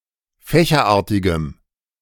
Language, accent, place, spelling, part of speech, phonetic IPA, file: German, Germany, Berlin, fächerartigem, adjective, [ˈfɛːçɐˌʔaːɐ̯tɪɡəm], De-fächerartigem.ogg
- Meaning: strong dative masculine/neuter singular of fächerartig